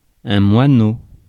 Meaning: 1. sparrow 2. (type of) small bastion
- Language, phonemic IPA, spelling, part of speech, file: French, /mwa.no/, moineau, noun, Fr-moineau.ogg